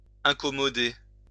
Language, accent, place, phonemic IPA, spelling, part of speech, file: French, France, Lyon, /ɛ̃.kɔ.mɔ.de/, incommoder, verb, LL-Q150 (fra)-incommoder.wav
- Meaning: to incommode, bother, disconcert